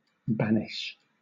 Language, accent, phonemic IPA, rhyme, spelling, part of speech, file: English, Southern England, /ˈbænɪʃ/, -ænɪʃ, banish, verb, LL-Q1860 (eng)-banish.wav
- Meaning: 1. To send (someone) away and forbid them from returning 2. To expel, especially from the mind